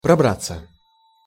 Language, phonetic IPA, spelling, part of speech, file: Russian, [prɐˈbrat͡sːə], пробраться, verb, Ru-пробраться.ogg
- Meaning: 1. to make one's way, to thread one's way, to pick one's way, to edge through 2. passive of пробра́ть (probrátʹ)